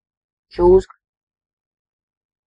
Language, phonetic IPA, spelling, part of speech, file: Latvian, [ˈt͡ʃūːska], čūska, noun, Lv-čūska.ogg
- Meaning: 1. snake (many species of legless reptiles of the suborder Serpentes) 2. a malicious, evil person